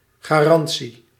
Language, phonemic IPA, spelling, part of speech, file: Dutch, /ɣaːˈrɑn.(t)si/, garantie, noun, Nl-garantie.ogg
- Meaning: 1. guarantee 2. warranty